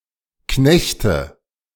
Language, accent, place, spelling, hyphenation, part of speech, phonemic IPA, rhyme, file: German, Germany, Berlin, Knechte, Knech‧te, noun, /ˈknɛçtə/, -ɛçtə, De-Knechte.ogg
- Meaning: nominative/accusative/genitive plural of Knecht